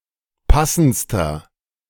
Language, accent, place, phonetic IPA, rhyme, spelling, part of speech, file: German, Germany, Berlin, [ˈpasn̩t͡stɐ], -asn̩t͡stɐ, passendster, adjective, De-passendster.ogg
- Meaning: inflection of passend: 1. strong/mixed nominative masculine singular superlative degree 2. strong genitive/dative feminine singular superlative degree 3. strong genitive plural superlative degree